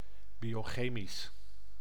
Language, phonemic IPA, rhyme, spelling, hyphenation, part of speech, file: Dutch, /ˌbi.oːˈxeː.mis/, -eːmis, biochemisch, bio‧che‧misch, adjective, Nl-biochemisch.ogg
- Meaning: biochemical (of or relating to biochemistry)